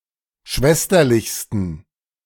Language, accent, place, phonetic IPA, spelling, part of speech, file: German, Germany, Berlin, [ˈʃvɛstɐlɪçstn̩], schwesterlichsten, adjective, De-schwesterlichsten.ogg
- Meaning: 1. superlative degree of schwesterlich 2. inflection of schwesterlich: strong genitive masculine/neuter singular superlative degree